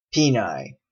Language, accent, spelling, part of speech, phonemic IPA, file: English, Canada, Pinay, noun, /ˈpiːnaɪ/, En-ca-Pinay.oga
- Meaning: A Filipina; a citizen or local inhabitant of the Philippines, and those descending from such, who is female